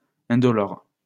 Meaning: painless
- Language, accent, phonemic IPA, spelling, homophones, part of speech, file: French, France, /ɛ̃.dɔ.lɔʁ/, indolore, indolores, adjective, LL-Q150 (fra)-indolore.wav